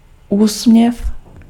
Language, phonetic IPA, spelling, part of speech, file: Czech, [ˈuːsm̩ɲɛf], úsměv, noun, Cs-úsměv.ogg
- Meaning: smile